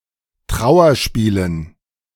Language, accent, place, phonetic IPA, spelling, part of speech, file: German, Germany, Berlin, [ˈtʁaʊ̯ɐˌʃpiːlən], Trauerspielen, noun, De-Trauerspielen.ogg
- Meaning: dative plural of Trauerspiel